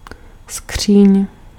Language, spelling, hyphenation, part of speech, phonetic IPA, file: Czech, skříň, skříň, noun, [ˈskr̝̊iːɲ], Cs-skříň.ogg
- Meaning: 1. cabinet 2. cupboard